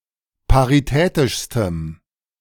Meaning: strong dative masculine/neuter singular superlative degree of paritätisch
- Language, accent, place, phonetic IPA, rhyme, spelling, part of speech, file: German, Germany, Berlin, [paʁiˈtɛːtɪʃstəm], -ɛːtɪʃstəm, paritätischstem, adjective, De-paritätischstem.ogg